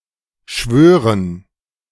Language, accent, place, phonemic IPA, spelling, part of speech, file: German, Germany, Berlin, /ʃvøːʁən/, schwören, verb, De-schwören.ogg
- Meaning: 1. to swear; to take an oath 2. to swear by; to be convinced of; to like